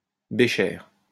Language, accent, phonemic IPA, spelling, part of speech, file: French, France, /be.ʃɛʁ/, bécher, noun, LL-Q150 (fra)-bécher.wav
- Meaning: beaker (flat-bottomed vessel)